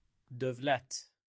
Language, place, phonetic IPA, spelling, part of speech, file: Azerbaijani, Baku, [dœy̯(v)ˈlæt], dövlət, noun, Az-az-dövlət.ogg
- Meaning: 1. state, government 2. state, public (carried out or funded by the state on behalf of the community) 3. wealth, richness